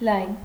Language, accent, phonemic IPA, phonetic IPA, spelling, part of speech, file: Armenian, Eastern Armenian, /lɑjn/, [lɑjn], լայն, adjective, Hy-լայն.ogg
- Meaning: wide, broad